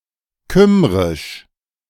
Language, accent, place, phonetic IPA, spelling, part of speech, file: German, Germany, Berlin, [ˈkʏm.ʁɪʃ], Kymrisch, proper noun, De-Kymrisch.ogg
- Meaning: Cymric, Welsh (language)